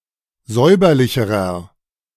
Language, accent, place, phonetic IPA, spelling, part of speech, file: German, Germany, Berlin, [ˈzɔɪ̯bɐlɪçəʁɐ], säuberlicherer, adjective, De-säuberlicherer.ogg
- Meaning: inflection of säuberlich: 1. strong/mixed nominative masculine singular comparative degree 2. strong genitive/dative feminine singular comparative degree 3. strong genitive plural comparative degree